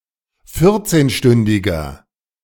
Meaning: inflection of vierzehnstündig: 1. strong/mixed nominative masculine singular 2. strong genitive/dative feminine singular 3. strong genitive plural
- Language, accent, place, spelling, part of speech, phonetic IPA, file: German, Germany, Berlin, vierzehnstündiger, adjective, [ˈfɪʁt͡seːnˌʃtʏndɪɡɐ], De-vierzehnstündiger.ogg